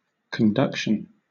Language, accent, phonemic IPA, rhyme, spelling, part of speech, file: English, Southern England, /kənˈdʌkʃən/, -ʌkʃən, conduction, noun, LL-Q1860 (eng)-conduction.wav
- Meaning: 1. The conveying of heat or electricity through material 2. The act of leading or guiding 3. The act of training up